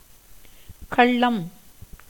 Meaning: 1. stealth, guile, cunning 2. deception, trickery, trickishness; secrecy, slyness 3. stealing, robbery, fraud, embezzlement 4. villainy, knavery, perfidy
- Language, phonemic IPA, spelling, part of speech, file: Tamil, /kɐɭːɐm/, கள்ளம், noun, Ta-கள்ளம்.ogg